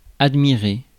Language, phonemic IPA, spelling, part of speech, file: French, /ad.mi.ʁe/, admirer, verb, Fr-admirer.ogg
- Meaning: to admire